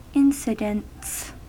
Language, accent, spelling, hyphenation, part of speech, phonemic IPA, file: English, US, incidents, in‧ci‧dents, noun, /ˈɪn.sɪ.dənts/, En-us-incidents.ogg
- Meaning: plural of incident